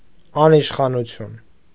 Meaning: anarchy
- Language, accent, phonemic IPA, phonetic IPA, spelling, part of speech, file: Armenian, Eastern Armenian, /ɑniʃχɑnuˈtʰjun/, [ɑniʃχɑnut͡sʰjún], անիշխանություն, noun, Hy-անիշխանություն.ogg